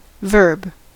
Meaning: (noun) 1. A word that indicates an action, event, or state of being 2. Any word; a vocable 3. An action as opposed to a trait or thing
- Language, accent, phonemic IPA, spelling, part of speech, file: English, US, /vɝb/, verb, noun / verb, En-us-verb.ogg